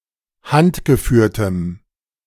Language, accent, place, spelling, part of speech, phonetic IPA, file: German, Germany, Berlin, handgeführtem, adjective, [ˈhantɡəˌfyːɐ̯təm], De-handgeführtem.ogg
- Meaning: strong dative masculine/neuter singular of handgeführt